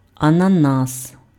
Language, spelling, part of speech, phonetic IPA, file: Ukrainian, ананас, noun, [ɐnɐˈnas], Uk-ананас.ogg
- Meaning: pineapple